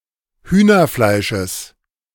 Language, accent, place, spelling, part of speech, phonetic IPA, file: German, Germany, Berlin, Hühnerfleisches, noun, [ˈhyːnɐˌflaɪ̯ʃəs], De-Hühnerfleisches.ogg
- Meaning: genitive of Hühnerfleisch